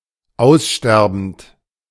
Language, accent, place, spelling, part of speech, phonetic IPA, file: German, Germany, Berlin, aussterbend, verb, [ˈaʊ̯sˌʃtɛʁbn̩t], De-aussterbend.ogg
- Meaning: present participle of aussterben